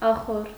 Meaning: stable, stall (usually for horses)
- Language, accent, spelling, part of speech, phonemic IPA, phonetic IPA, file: Armenian, Eastern Armenian, ախոռ, noun, /ɑˈχor/, [ɑχór], Hy-ախոռ.ogg